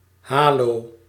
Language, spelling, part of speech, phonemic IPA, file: Dutch, halo, noun, /ˈɦaː.loː/, Nl-halo.ogg
- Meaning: 1. halo (atmospheric phenomenon) 2. similar visual effect resulting from undesirable, roughly circular spots on an imperfectly developed photograph